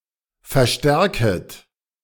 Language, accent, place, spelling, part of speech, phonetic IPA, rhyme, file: German, Germany, Berlin, verstärket, verb, [fɛɐ̯ˈʃtɛʁkət], -ɛʁkət, De-verstärket.ogg
- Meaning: second-person plural subjunctive I of verstärken